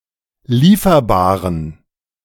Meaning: inflection of lieferbar: 1. strong genitive masculine/neuter singular 2. weak/mixed genitive/dative all-gender singular 3. strong/weak/mixed accusative masculine singular 4. strong dative plural
- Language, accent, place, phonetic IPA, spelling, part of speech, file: German, Germany, Berlin, [ˈliːfɐbaːʁən], lieferbaren, adjective, De-lieferbaren.ogg